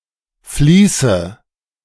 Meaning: inflection of fließen: 1. first-person singular present 2. first/third-person singular subjunctive I 3. singular imperative
- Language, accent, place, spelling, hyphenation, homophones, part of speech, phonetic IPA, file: German, Germany, Berlin, fließe, flie‧ße, Vliese, verb, [ˈfliːsə], De-fließe.ogg